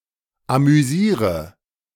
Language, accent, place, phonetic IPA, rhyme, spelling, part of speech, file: German, Germany, Berlin, [amyˈziːʁə], -iːʁə, amüsiere, verb, De-amüsiere.ogg
- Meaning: inflection of amüsieren: 1. first-person singular present 2. singular imperative 3. first/third-person singular subjunctive I